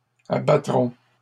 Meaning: first-person plural future of abattre
- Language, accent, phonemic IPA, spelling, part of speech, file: French, Canada, /a.ba.tʁɔ̃/, abattrons, verb, LL-Q150 (fra)-abattrons.wav